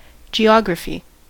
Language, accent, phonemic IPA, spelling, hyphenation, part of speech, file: English, US, /d͡ʒiˈɑɡɹəfi/, geography, ge‧og‧ra‧phy, noun, En-us-geography.ogg
- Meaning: 1. The study of the physical properties of the earth, including how humans affect and are affected by them 2. An atlas or gazetteer 3. A description of the earth: a treatise or textbook on geography